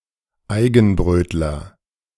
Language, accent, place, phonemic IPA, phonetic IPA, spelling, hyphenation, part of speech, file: German, Germany, Berlin, /ˈaɪ̯ɡənˌbrøːtlər/, [ˈʔaɪ̯.ɡŋ̍ˌbʁøːt.lɐ], Eigenbrötler, Ei‧gen‧bröt‧ler, noun, De-Eigenbrötler.ogg
- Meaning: maverick, loner; someone who keeps themselves to themselves, follows their own path, and appears not to attach great value to social contact